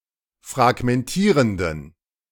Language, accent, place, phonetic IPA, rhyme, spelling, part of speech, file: German, Germany, Berlin, [fʁaɡmɛnˈtiːʁəndn̩], -iːʁəndn̩, fragmentierenden, adjective, De-fragmentierenden.ogg
- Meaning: inflection of fragmentierend: 1. strong genitive masculine/neuter singular 2. weak/mixed genitive/dative all-gender singular 3. strong/weak/mixed accusative masculine singular 4. strong dative plural